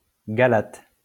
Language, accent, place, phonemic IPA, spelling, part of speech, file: French, France, Lyon, /ɡa.lat/, galate, noun, LL-Q150 (fra)-galate.wav
- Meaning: Galatian language